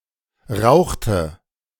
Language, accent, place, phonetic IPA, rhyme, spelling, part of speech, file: German, Germany, Berlin, [ˈʁaʊ̯xtə], -aʊ̯xtə, rauchte, verb, De-rauchte.ogg
- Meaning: inflection of rauchen: 1. first/third-person singular preterite 2. first/third-person singular subjunctive II